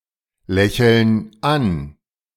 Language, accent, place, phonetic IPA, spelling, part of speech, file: German, Germany, Berlin, [ˌlɛçl̩n ˈan], lächeln an, verb, De-lächeln an.ogg
- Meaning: inflection of anlächeln: 1. first/third-person plural present 2. first/third-person plural subjunctive I